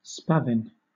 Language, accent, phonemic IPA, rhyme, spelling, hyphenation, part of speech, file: English, Southern England, /ˈspævɪn/, -ævɪn, spavin, spa‧vin, noun / verb, LL-Q1860 (eng)-spavin.wav